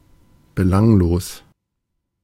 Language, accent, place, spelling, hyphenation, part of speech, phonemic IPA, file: German, Germany, Berlin, belanglos, be‧lang‧los, adjective, /bəˈlanɡloːs/, De-belanglos.ogg
- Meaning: trivial; insignificant